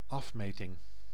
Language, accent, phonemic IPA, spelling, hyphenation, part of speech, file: Dutch, Netherlands, /ˈɑfˌmeː.tɪŋ/, afmeting, af‧me‧ting, noun, Nl-afmeting.ogg
- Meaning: 1. dimension (size) 2. the act or process of measuring